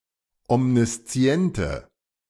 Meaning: inflection of omniszient: 1. strong/mixed nominative/accusative feminine singular 2. strong nominative/accusative plural 3. weak nominative all-gender singular
- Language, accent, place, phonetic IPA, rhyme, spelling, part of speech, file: German, Germany, Berlin, [ɔmniˈst͡si̯ɛntə], -ɛntə, omnisziente, adjective, De-omnisziente.ogg